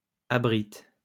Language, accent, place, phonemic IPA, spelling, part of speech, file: French, France, Lyon, /a.bʁit/, abrite, verb, LL-Q150 (fra)-abrite.wav
- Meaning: inflection of abriter: 1. first/third-person singular present indicative/subjunctive 2. second-person singular imperative